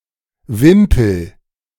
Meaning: a small, generally triangular flag; a pennant or pennon
- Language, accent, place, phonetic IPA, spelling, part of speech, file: German, Germany, Berlin, [ˈvɪmpl̩], Wimpel, noun, De-Wimpel.ogg